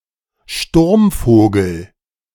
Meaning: 1. petrel 2. the ground-attack version of the WWII Messerschmitt Me-262 Schwalbe jet-fighter
- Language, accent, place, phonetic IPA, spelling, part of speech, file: German, Germany, Berlin, [ˈʃtuʁmˌfoːɡl̩], Sturmvogel, noun, De-Sturmvogel.ogg